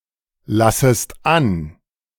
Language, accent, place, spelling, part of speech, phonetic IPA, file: German, Germany, Berlin, lassest an, verb, [ˌlasəst ˈan], De-lassest an.ogg
- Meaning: second-person singular subjunctive I of anlassen